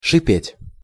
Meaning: to hiss
- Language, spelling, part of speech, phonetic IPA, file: Russian, шипеть, verb, [ʂɨˈpʲetʲ], Ru-шипеть.ogg